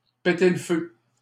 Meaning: to be in great shape, to be in great form, to be fighting fit
- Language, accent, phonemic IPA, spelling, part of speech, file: French, Canada, /pe.te l(ə) fø/, péter le feu, verb, LL-Q150 (fra)-péter le feu.wav